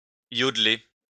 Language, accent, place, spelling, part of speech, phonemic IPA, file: French, France, Lyon, iodler, verb, /jɔd.le/, LL-Q150 (fra)-iodler.wav
- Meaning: to yodel